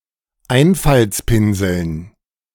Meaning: dative plural of Einfaltspinsel
- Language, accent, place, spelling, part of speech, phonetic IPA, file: German, Germany, Berlin, Einfaltspinseln, noun, [ˈaɪ̯nfalt͡sˌpɪnzl̩n], De-Einfaltspinseln.ogg